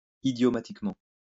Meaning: idiomatically
- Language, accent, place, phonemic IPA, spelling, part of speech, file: French, France, Lyon, /i.djɔ.ma.tik.mɑ̃/, idiomatiquement, adverb, LL-Q150 (fra)-idiomatiquement.wav